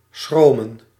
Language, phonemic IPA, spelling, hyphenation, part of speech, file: Dutch, /ˈsxroː.mə(n)/, schromen, schro‧men, verb, Nl-schromen.ogg
- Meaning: 1. to fear 2. to be bashful